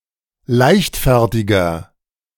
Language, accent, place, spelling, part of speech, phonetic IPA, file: German, Germany, Berlin, leichtfertiger, adjective, [ˈlaɪ̯çtˌfɛʁtɪɡɐ], De-leichtfertiger.ogg
- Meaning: 1. comparative degree of leichtfertig 2. inflection of leichtfertig: strong/mixed nominative masculine singular 3. inflection of leichtfertig: strong genitive/dative feminine singular